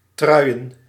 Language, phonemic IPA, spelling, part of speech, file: Dutch, /ˈtrœy̯ə(n)/, truien, noun, Nl-truien.ogg
- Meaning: plural of trui